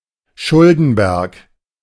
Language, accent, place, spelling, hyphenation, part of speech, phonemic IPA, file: German, Germany, Berlin, Schuldenberg, Schul‧den‧berg, noun, /ˈʃʊldn̩ˌbɛʁk/, De-Schuldenberg.ogg
- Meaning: mountain of debt